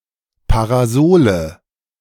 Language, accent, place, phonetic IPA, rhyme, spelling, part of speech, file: German, Germany, Berlin, [paʁaˈzoːlə], -oːlə, Parasole, noun, De-Parasole.ogg
- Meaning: 1. nominative/accusative/genitive plural of Parasol 2. parasol mushroom